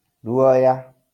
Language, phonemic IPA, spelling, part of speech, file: Kikuyu, /ɾuɔ̀jǎ/, ruoya, noun, LL-Q33587 (kik)-ruoya.wav
- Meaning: feather